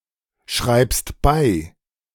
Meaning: second-person plural subjunctive I of zurückschreiben
- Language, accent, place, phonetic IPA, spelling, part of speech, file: German, Germany, Berlin, [ˌʃʁaɪ̯bət t͡suˈʁʏk], schreibet zurück, verb, De-schreibet zurück.ogg